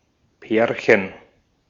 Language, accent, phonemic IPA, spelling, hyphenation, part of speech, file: German, Austria, /ˈpɛːɐ̯çən/, Pärchen, Pär‧chen, noun, De-at-Pärchen.ogg
- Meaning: 1. diminutive of Paar 2. couple (two partners in a romantic or sexual relationship) 3. mating pair (of animals)